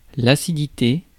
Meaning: acidity (the quality or state of being acid)
- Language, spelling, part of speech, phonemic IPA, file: French, acidité, noun, /a.si.di.te/, Fr-acidité.ogg